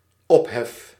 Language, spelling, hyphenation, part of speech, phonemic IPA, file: Dutch, ophef, op‧hef, noun / verb, /ˈɔp.ɦɛf/, Nl-ophef.ogg
- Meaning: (noun) uproar, commotion; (verb) first-person singular dependent-clause present indicative of opheffen